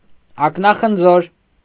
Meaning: eyeball
- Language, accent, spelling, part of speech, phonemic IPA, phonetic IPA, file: Armenian, Eastern Armenian, ակնախնձոր, noun, /ɑknɑχənˈd͡zoɾ/, [ɑknɑχənd͡zóɾ], Hy-ակնախնձոր.ogg